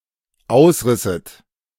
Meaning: second-person plural dependent subjunctive II of ausreißen
- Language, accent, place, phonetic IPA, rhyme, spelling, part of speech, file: German, Germany, Berlin, [ˈaʊ̯sˌʁɪsət], -aʊ̯sʁɪsət, ausrisset, verb, De-ausrisset.ogg